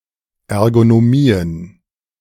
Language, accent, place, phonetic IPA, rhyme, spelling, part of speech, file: German, Germany, Berlin, [ˌɛʁɡonoˈmiːən], -iːən, Ergonomien, noun, De-Ergonomien.ogg
- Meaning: plural of Ergonomie